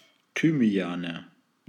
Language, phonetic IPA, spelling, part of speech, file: German, [ˈtyːmi̯aːnə], Thymiane, noun, De-Thymiane.ogg
- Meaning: nominative/accusative/genitive plural of Thymian